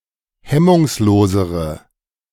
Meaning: inflection of hemmungslos: 1. strong/mixed nominative/accusative feminine singular comparative degree 2. strong nominative/accusative plural comparative degree
- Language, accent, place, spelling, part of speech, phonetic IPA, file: German, Germany, Berlin, hemmungslosere, adjective, [ˈhɛmʊŋsˌloːzəʁə], De-hemmungslosere.ogg